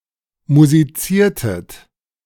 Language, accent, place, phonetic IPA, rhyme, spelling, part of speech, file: German, Germany, Berlin, [muziˈt͡siːɐ̯tət], -iːɐ̯tət, musiziertet, verb, De-musiziertet.ogg
- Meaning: inflection of musizieren: 1. second-person plural preterite 2. second-person plural subjunctive II